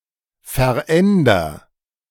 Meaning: inflection of verändern: 1. first-person singular present 2. singular imperative
- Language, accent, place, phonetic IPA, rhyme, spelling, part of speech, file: German, Germany, Berlin, [fɛɐ̯ˈʔɛndɐ], -ɛndɐ, veränder, verb, De-veränder.ogg